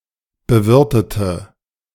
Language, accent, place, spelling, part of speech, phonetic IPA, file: German, Germany, Berlin, bewirtete, adjective / verb, [bəˈvɪʁtətə], De-bewirtete.ogg
- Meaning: inflection of bewirten: 1. first/third-person singular preterite 2. first/third-person singular subjunctive II